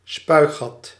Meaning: scupper
- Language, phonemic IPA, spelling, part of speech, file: Dutch, /ˈspœyɣɑt/, spuigat, noun, Nl-spuigat.ogg